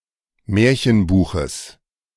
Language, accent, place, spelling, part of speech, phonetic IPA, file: German, Germany, Berlin, Märchenbuches, noun, [ˈmɛːɐ̯çənˌbuːxəs], De-Märchenbuches.ogg
- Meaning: genitive singular of Märchenbuch